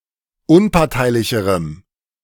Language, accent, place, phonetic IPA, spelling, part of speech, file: German, Germany, Berlin, [ˈʊnpaʁtaɪ̯lɪçəʁəm], unparteilicherem, adjective, De-unparteilicherem.ogg
- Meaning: strong dative masculine/neuter singular comparative degree of unparteilich